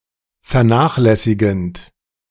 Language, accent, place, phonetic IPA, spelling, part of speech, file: German, Germany, Berlin, [fɛɐ̯ˈnaːxlɛsɪɡn̩t], vernachlässigend, verb, De-vernachlässigend.ogg
- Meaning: present participle of vernachlässigen